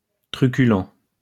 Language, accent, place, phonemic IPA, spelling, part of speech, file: French, France, Lyon, /tʁy.ky.lɑ̃/, truculent, adjective / verb, LL-Q150 (fra)-truculent.wav
- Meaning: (adjective) 1. violent or belligerent in a colorful, over-the-top or memorable fashion 2. picturesque, colourful; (verb) third-person plural present indicative/subjunctive of truculer